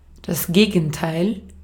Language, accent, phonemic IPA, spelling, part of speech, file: German, Austria, /ˈɡeːɡn̩taɪ̯l/, Gegenteil, noun, De-at-Gegenteil.ogg
- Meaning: opposite (contrary thing)